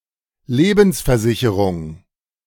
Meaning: life insurance, life assurance
- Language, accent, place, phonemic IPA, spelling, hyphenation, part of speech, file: German, Germany, Berlin, /ˈleːbn̩sfɛɐ̯ˌzɪçəʁʊŋ/, Lebensversicherung, Le‧bens‧ver‧si‧che‧rung, noun, De-Lebensversicherung.ogg